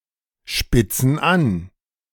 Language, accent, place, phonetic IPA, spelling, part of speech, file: German, Germany, Berlin, [ˌʃpɪt͡sn̩ ˈan], spitzen an, verb, De-spitzen an.ogg
- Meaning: inflection of anspitzen: 1. first/third-person plural present 2. first/third-person plural subjunctive I